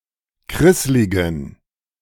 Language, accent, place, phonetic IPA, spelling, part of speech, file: German, Germany, Berlin, [ˈkʁɪslɪɡn̩], krissligen, adjective, De-krissligen.ogg
- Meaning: inflection of krisslig: 1. strong genitive masculine/neuter singular 2. weak/mixed genitive/dative all-gender singular 3. strong/weak/mixed accusative masculine singular 4. strong dative plural